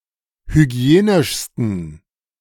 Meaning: 1. superlative degree of hygienisch 2. inflection of hygienisch: strong genitive masculine/neuter singular superlative degree
- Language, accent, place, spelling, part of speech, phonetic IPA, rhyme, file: German, Germany, Berlin, hygienischsten, adjective, [hyˈɡi̯eːnɪʃstn̩], -eːnɪʃstn̩, De-hygienischsten.ogg